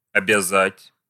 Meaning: to oblige, to bind
- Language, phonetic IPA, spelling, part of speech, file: Russian, [ɐbʲɪˈzatʲ], обязать, verb, Ru-обязать.ogg